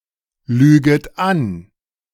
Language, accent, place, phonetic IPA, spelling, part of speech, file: German, Germany, Berlin, [ˌlyːɡət ˈan], lüget an, verb, De-lüget an.ogg
- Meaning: second-person plural subjunctive I of anlügen